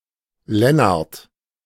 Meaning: a male given name, a less common variant of Lennart
- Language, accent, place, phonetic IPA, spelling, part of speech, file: German, Germany, Berlin, [ˈlɛnaʁt], Lennard, proper noun, De-Lennard.ogg